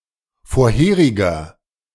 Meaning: inflection of vorherig: 1. strong/mixed nominative masculine singular 2. strong genitive/dative feminine singular 3. strong genitive plural
- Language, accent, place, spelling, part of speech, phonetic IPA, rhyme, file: German, Germany, Berlin, vorheriger, adjective, [foːɐ̯ˈheːʁɪɡɐ], -eːʁɪɡɐ, De-vorheriger.ogg